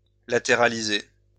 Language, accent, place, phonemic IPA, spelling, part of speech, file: French, France, Lyon, /la.te.ʁa.li.ze/, latéraliser, verb, LL-Q150 (fra)-latéraliser.wav
- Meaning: to lateralize